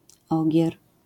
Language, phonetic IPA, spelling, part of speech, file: Polish, [ˈɔɟɛr], ogier, noun, LL-Q809 (pol)-ogier.wav